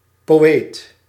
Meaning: poet
- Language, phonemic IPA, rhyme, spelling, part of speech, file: Dutch, /poːˈeːt/, -eːt, poëet, noun, Nl-poëet.ogg